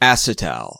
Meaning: Any diether of a geminal diol, R₂C(OR')₂ (where R' is not H)
- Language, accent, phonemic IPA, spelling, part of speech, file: English, US, /ˈæsɪˌtæl/, acetal, noun, En-us-acetal.ogg